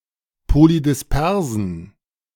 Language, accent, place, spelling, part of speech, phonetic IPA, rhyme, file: German, Germany, Berlin, polydispersen, adjective, [polidɪsˈpɛʁzn̩], -ɛʁzn̩, De-polydispersen.ogg
- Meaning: inflection of polydispers: 1. strong genitive masculine/neuter singular 2. weak/mixed genitive/dative all-gender singular 3. strong/weak/mixed accusative masculine singular 4. strong dative plural